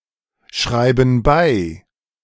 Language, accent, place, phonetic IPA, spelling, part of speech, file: German, Germany, Berlin, [ˌʃʁaɪ̯bə t͡suˈʁʏk], schreibe zurück, verb, De-schreibe zurück.ogg
- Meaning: inflection of zurückschreiben: 1. first-person singular present 2. first/third-person singular subjunctive I 3. singular imperative